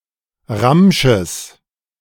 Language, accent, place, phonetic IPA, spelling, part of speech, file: German, Germany, Berlin, [ˈʁamʃəs], Ramsches, noun, De-Ramsches.ogg
- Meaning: genitive singular of Ramsch